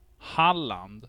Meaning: Halland (a historical province in western Sweden)
- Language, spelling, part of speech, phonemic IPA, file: Swedish, Halland, proper noun, /ˈhaˌland/, Sv-Halland.ogg